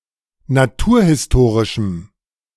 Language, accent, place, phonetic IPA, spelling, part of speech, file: German, Germany, Berlin, [naˈtuːɐ̯hɪsˌtoːʁɪʃm̩], naturhistorischem, adjective, De-naturhistorischem.ogg
- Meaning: strong dative masculine/neuter singular of naturhistorisch